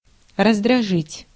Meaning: 1. to irritate 2. to annoy, to vex, to get on nerves
- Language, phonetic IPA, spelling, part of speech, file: Russian, [rəzdrɐˈʐɨtʲ], раздражить, verb, Ru-раздражить.ogg